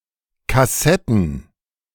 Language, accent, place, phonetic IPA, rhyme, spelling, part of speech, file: German, Germany, Berlin, [kaˈsɛtn̩], -ɛtn̩, Kassetten, noun, De-Kassetten.ogg
- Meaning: plural of Kassette